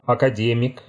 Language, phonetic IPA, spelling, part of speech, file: Russian, [ɐkɐˈdʲemʲɪk], академик, noun, Ru-академик.ogg
- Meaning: 1. academician, academic 2. graduate